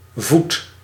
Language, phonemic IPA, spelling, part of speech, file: Dutch, /vut/, voed, verb, Nl-voed.ogg
- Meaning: inflection of voeden: 1. first-person singular present indicative 2. second-person singular present indicative 3. imperative